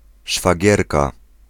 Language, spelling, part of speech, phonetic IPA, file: Polish, szwagierka, noun, [ʃfaˈɟɛrka], Pl-szwagierka.ogg